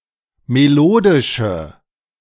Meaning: inflection of melodisch: 1. strong/mixed nominative/accusative feminine singular 2. strong nominative/accusative plural 3. weak nominative all-gender singular
- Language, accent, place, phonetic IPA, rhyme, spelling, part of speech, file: German, Germany, Berlin, [meˈloːdɪʃə], -oːdɪʃə, melodische, adjective, De-melodische.ogg